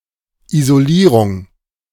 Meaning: 1. isolation 2. insulation, lagging
- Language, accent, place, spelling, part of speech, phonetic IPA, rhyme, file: German, Germany, Berlin, Isolierung, noun, [ˌizoˈliːʁʊŋ], -iːʁʊŋ, De-Isolierung.ogg